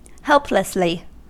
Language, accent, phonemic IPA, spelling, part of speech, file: English, US, /ˈhɛlpləsli/, helplessly, adverb, En-us-helplessly.ogg
- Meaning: 1. Without protection or assistance 2. Without the ability to help oneself 3. Without the ability to react actively